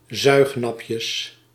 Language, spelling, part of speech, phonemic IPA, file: Dutch, zuignapjes, noun, /ˈzœyxnɑpjəs/, Nl-zuignapjes.ogg
- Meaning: plural of zuignapje